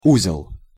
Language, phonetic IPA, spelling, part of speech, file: Russian, [ˈuzʲɪɫ], узел, noun, Ru-узел.ogg
- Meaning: 1. knot, bundle 2. junction 3. node 4. center, centre, hub 5. ganglion 6. knot (unit of speed)